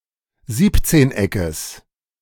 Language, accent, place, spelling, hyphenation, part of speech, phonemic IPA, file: German, Germany, Berlin, Siebzehneckes, Sieb‧zehn‧eckes, noun, /ˈziːptseːnˌ.ɛkəs/, De-Siebzehneckes.ogg
- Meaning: genitive singular of Siebzehneck